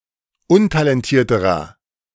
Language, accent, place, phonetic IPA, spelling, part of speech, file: German, Germany, Berlin, [ˈʊntalɛnˌtiːɐ̯təʁɐ], untalentierterer, adjective, De-untalentierterer.ogg
- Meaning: inflection of untalentiert: 1. strong/mixed nominative masculine singular comparative degree 2. strong genitive/dative feminine singular comparative degree 3. strong genitive plural comparative degree